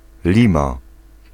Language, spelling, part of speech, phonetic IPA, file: Polish, lima, noun, [ˈlʲĩma], Pl-lima.ogg